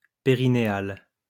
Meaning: perineal
- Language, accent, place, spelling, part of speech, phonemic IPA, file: French, France, Lyon, périnéal, adjective, /pe.ʁi.ne.al/, LL-Q150 (fra)-périnéal.wav